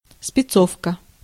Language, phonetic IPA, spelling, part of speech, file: Russian, [spʲɪˈt͡sofkə], спецовка, noun, Ru-спецовка.ogg
- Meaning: production-work clothing (jacket, overalls, smock)